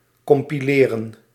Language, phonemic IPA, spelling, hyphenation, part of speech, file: Dutch, /kɔmpiˈleːrə(n)/, compileren, com‧pi‧le‧ren, verb, Nl-compileren.ogg
- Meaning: 1. to compile, to put together 2. to compile